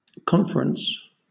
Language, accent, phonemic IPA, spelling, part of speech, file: English, Southern England, /ˈkɒn.f(ə.)ɹəns/, conference, noun / verb, LL-Q1860 (eng)-conference.wav
- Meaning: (noun) 1. The act of consulting together formally; serious conversation or discussion; interchange of views 2. The act of comparing two or more things together; comparison